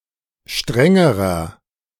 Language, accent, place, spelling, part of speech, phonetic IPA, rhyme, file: German, Germany, Berlin, strengerer, adjective, [ˈʃtʁɛŋəʁɐ], -ɛŋəʁɐ, De-strengerer.ogg
- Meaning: inflection of streng: 1. strong/mixed nominative masculine singular comparative degree 2. strong genitive/dative feminine singular comparative degree 3. strong genitive plural comparative degree